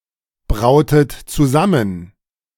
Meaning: inflection of zusammenbrauen: 1. second-person plural preterite 2. second-person plural subjunctive II
- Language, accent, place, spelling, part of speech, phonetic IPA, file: German, Germany, Berlin, brautet zusammen, verb, [ˌbʁaʊ̯tət t͡suˈzamən], De-brautet zusammen.ogg